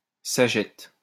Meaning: arrow
- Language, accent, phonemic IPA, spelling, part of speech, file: French, France, /sa.ʒɛt/, sagette, noun, LL-Q150 (fra)-sagette.wav